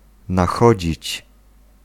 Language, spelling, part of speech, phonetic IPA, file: Polish, nachodzić, verb, [naˈxɔd͡ʑit͡ɕ], Pl-nachodzić.ogg